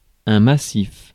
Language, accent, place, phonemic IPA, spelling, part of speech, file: French, France, Paris, /ma.sif/, massif, noun / adjective, Fr-massif.ogg
- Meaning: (noun) massif; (adjective) massive